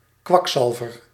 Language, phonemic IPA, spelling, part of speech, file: Dutch, /ˈkʋɑkˌsɑlvər/, kwakzalver, noun, Nl-kwakzalver.ogg
- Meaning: 1. a quacksalver, fake healer 2. a swindler, cheater, fraud, hustler